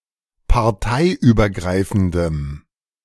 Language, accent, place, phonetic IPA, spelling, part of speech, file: German, Germany, Berlin, [paʁˈtaɪ̯ʔyːbɐˌɡʁaɪ̯fn̩dəm], parteiübergreifendem, adjective, De-parteiübergreifendem.ogg
- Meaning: strong dative masculine/neuter singular of parteiübergreifend